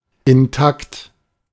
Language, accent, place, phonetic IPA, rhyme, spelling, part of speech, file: German, Germany, Berlin, [ɪnˈtakt], -akt, intakt, adjective, De-intakt.ogg
- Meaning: intact, functional